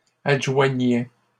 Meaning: third-person plural imperfect indicative of adjoindre
- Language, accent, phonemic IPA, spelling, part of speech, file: French, Canada, /ad.ʒwa.ɲɛ/, adjoignaient, verb, LL-Q150 (fra)-adjoignaient.wav